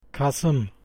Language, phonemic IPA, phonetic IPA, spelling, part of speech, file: Turkish, /kaˈsɯm/, [kɑˈsɯm], kasım, noun, Kasım.ogg
- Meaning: November